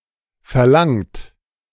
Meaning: 1. past participle of verlangen 2. inflection of verlangen: third-person singular present 3. inflection of verlangen: second-person plural present 4. inflection of verlangen: plural imperative
- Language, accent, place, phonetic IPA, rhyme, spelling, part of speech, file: German, Germany, Berlin, [fɛɐ̯ˈlaŋt], -aŋt, verlangt, verb, De-verlangt.ogg